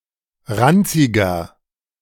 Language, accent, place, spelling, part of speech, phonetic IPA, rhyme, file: German, Germany, Berlin, ranziger, adjective, [ˈʁant͡sɪɡɐ], -ant͡sɪɡɐ, De-ranziger.ogg
- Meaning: 1. comparative degree of ranzig 2. inflection of ranzig: strong/mixed nominative masculine singular 3. inflection of ranzig: strong genitive/dative feminine singular